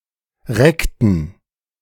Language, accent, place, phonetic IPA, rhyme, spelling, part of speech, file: German, Germany, Berlin, [ˈʁɛktn̩], -ɛktn̩, reckten, verb, De-reckten.ogg
- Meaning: inflection of recken: 1. first/third-person plural preterite 2. first/third-person plural subjunctive II